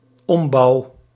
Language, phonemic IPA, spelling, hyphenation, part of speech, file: Dutch, /ˈɔm.bɑu̯/, ombouw, om‧bouw, noun, Nl-ombouw.ogg
- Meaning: 1. a conversion of a building so it can fulfil a different purpose; a reconstruction 2. a conversion of a machine or its settings so it can do something different; a changeover